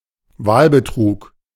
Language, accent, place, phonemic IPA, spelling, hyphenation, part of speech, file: German, Germany, Berlin, /ˈvaːlbəˌtʁuːk/, Wahlbetrug, Wahl‧be‧trug, noun, De-Wahlbetrug.ogg
- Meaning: electoral fraud